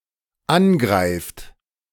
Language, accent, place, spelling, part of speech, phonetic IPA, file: German, Germany, Berlin, angreift, verb, [ˈanˌɡʁaɪ̯ft], De-angreift.ogg
- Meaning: inflection of angreifen: 1. third-person singular dependent present 2. second-person plural dependent present